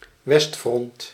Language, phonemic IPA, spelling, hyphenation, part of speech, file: Dutch, /ˈʋɛst.frɔnt/, westfront, west‧front, noun, Nl-westfront.ogg
- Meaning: west front, western front